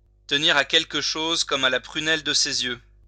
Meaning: to hold something very dear, to hold something close to one's heart
- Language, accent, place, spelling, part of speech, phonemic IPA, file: French, France, Lyon, tenir à quelque chose comme à la prunelle de ses yeux, verb, /tə.ni.ʁ‿a kɛl.k(ə) ʃoz kɔ.m‿a la pʁy.nɛl də se.z‿jø/, LL-Q150 (fra)-tenir à quelque chose comme à la prunelle de ses yeux.wav